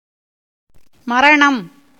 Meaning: death, mortality
- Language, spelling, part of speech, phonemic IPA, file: Tamil, மரணம், noun, /mɐɾɐɳɐm/, Ta-மரணம்.ogg